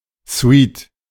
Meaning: 1. suite (hotel apartment consisting of several rooms) 2. suite (line of rooms interconnected by doors) 3. suite
- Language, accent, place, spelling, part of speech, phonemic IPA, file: German, Germany, Berlin, Suite, noun, /sviːt(ə)/, De-Suite.ogg